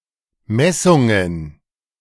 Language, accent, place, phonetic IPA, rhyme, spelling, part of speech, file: German, Germany, Berlin, [ˈmɛsʊŋən], -ɛsʊŋən, Messungen, noun, De-Messungen.ogg
- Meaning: plural of Messung